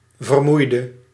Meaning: 1. inflection of vermoeien: singular past indicative 2. inflection of vermoeien: singular past subjunctive 3. inflection of vermoeid: masculine/feminine singular attributive
- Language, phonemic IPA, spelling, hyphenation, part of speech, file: Dutch, /vərˈmui̯.də/, vermoeide, ver‧moei‧de, verb, Nl-vermoeide.ogg